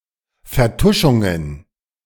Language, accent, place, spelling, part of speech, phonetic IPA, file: German, Germany, Berlin, Vertuschungen, noun, [fɛɐ̯ˈtʊʃʊŋən], De-Vertuschungen.ogg
- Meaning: plural of Vertuschung